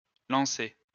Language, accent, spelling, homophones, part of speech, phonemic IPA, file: French, France, lançais, lançaient / lançait, verb, /lɑ̃.sɛ/, LL-Q150 (fra)-lançais.wav
- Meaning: first/second-person singular imperfect indicative of lancer